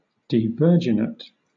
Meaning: Deprived of virginity
- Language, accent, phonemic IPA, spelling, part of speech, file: English, Southern England, /diːˈvɜː(ɹ)dʒɪnət/, devirginate, adjective, LL-Q1860 (eng)-devirginate.wav